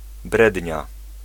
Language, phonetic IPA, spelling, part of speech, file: Polish, [ˈbrɛdʲɲa], brednia, noun, Pl-brednia.ogg